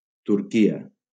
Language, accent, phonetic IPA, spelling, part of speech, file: Catalan, Valencia, [tuɾˈki.a], Turquia, proper noun, LL-Q7026 (cat)-Turquia.wav
- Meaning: Turkey (a country located in Eastern Thrace in Southeastern Europe and Anatolia in West Asia)